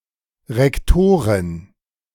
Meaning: rectrix, rector (female); (headmistress, etc., of an educational institution)
- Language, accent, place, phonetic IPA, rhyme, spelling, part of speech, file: German, Germany, Berlin, [ˌʁɛkˈtoːʁɪn], -oːʁɪn, Rektorin, noun, De-Rektorin.ogg